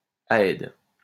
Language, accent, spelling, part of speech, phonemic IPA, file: French, France, aède, noun, /a.ɛd/, LL-Q150 (fra)-aède.wav
- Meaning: 1. singer, minstrel, bard, aoidos 2. poet